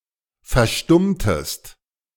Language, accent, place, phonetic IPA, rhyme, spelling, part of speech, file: German, Germany, Berlin, [fɛɐ̯ˈʃtʊmtəst], -ʊmtəst, verstummtest, verb, De-verstummtest.ogg
- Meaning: inflection of verstummen: 1. second-person singular preterite 2. second-person singular subjunctive II